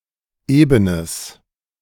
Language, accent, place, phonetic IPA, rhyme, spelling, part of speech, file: German, Germany, Berlin, [ˈeːbənəs], -eːbənəs, ebenes, adjective, De-ebenes.ogg
- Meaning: strong/mixed nominative/accusative neuter singular of eben